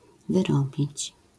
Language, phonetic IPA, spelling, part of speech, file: Polish, [vɨˈrɔbʲit͡ɕ], wyrobić, verb, LL-Q809 (pol)-wyrobić.wav